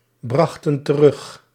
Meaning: inflection of terugbrengen: 1. plural past indicative 2. plural past subjunctive
- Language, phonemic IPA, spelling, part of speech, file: Dutch, /ˈbrɑxtə(n) t(ə)ˈrʏx/, brachten terug, verb, Nl-brachten terug.ogg